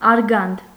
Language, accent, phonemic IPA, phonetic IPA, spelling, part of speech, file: Armenian, Eastern Armenian, /ɑɾˈɡɑnd/, [ɑɾɡɑ́nd], արգանդ, noun, Hy-արգանդ.oga
- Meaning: womb, uterus